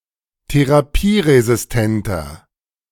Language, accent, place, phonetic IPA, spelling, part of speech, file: German, Germany, Berlin, [teʁaˈpiːʁezɪsˌtɛntɐ], therapieresistenter, adjective, De-therapieresistenter.ogg
- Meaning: inflection of therapieresistent: 1. strong/mixed nominative masculine singular 2. strong genitive/dative feminine singular 3. strong genitive plural